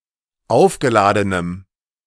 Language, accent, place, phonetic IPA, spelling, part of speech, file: German, Germany, Berlin, [ˈaʊ̯fɡəˌlaːdənəm], aufgeladenem, adjective, De-aufgeladenem.ogg
- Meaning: strong dative masculine/neuter singular of aufgeladen